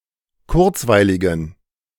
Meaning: inflection of kurzweilig: 1. strong genitive masculine/neuter singular 2. weak/mixed genitive/dative all-gender singular 3. strong/weak/mixed accusative masculine singular 4. strong dative plural
- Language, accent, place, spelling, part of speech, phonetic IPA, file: German, Germany, Berlin, kurzweiligen, adjective, [ˈkʊʁt͡svaɪ̯lɪɡn̩], De-kurzweiligen.ogg